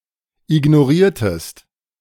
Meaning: inflection of ignorieren: 1. second-person singular preterite 2. second-person singular subjunctive II
- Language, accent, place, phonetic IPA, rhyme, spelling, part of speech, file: German, Germany, Berlin, [ɪɡnoˈʁiːɐ̯təst], -iːɐ̯təst, ignoriertest, verb, De-ignoriertest.ogg